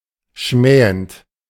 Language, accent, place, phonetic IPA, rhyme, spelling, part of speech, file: German, Germany, Berlin, [ˈʃmɛːənt], -ɛːənt, schmähend, adjective / verb, De-schmähend.ogg
- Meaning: present participle of schmähen